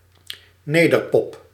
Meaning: 1. pop music from the Netherlands 2. pop music sung in Dutch (or other languages natively spoken in the Netherlands)
- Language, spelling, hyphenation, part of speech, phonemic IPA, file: Dutch, nederpop, ne‧der‧pop, noun, /ˈneː.dərˌpɔp/, Nl-nederpop.ogg